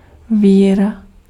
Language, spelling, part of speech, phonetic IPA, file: Czech, víra, noun, [ˈviːra], Cs-víra.ogg
- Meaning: faith, belief